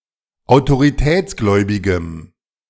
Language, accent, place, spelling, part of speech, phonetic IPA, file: German, Germany, Berlin, autoritätsgläubigem, adjective, [aʊ̯toʁiˈtɛːt͡sˌɡlɔɪ̯bɪɡəm], De-autoritätsgläubigem.ogg
- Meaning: strong dative masculine/neuter singular of autoritätsgläubig